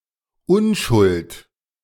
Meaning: 1. innocence 2. virginity
- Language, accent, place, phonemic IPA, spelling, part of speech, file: German, Germany, Berlin, /ˈʊnˌʃʊlt/, Unschuld, noun, De-Unschuld.ogg